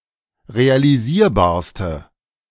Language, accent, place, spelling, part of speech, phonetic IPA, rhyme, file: German, Germany, Berlin, realisierbarste, adjective, [ʁealiˈziːɐ̯baːɐ̯stə], -iːɐ̯baːɐ̯stə, De-realisierbarste.ogg
- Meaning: inflection of realisierbar: 1. strong/mixed nominative/accusative feminine singular superlative degree 2. strong nominative/accusative plural superlative degree